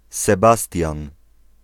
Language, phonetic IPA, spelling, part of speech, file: Polish, [sɛˈbastʲjãn], Sebastian, proper noun / noun, Pl-Sebastian.ogg